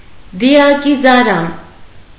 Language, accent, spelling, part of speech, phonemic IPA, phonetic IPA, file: Armenian, Eastern Armenian, դիակիզարան, noun, /diɑkizɑˈɾɑn/, [di(j)ɑkizɑɾɑ́n], Hy-դիակիզարան.ogg
- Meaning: crematorium